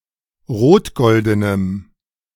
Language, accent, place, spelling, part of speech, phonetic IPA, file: German, Germany, Berlin, rotgoldenem, adjective, [ˈʁoːtˌɡɔldənəm], De-rotgoldenem.ogg
- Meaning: strong dative masculine/neuter singular of rotgolden